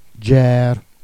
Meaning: alternative form of gùerre (“war”)
- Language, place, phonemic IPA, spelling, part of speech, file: Jèrriais, Jersey, /d͡ʒɛr/, dgèrre, noun, Jer-Dgèrre.ogg